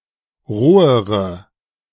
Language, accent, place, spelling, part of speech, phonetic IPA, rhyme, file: German, Germany, Berlin, rohere, adjective, [ˈʁoːəʁə], -oːəʁə, De-rohere.ogg
- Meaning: inflection of roh: 1. strong/mixed nominative/accusative feminine singular comparative degree 2. strong nominative/accusative plural comparative degree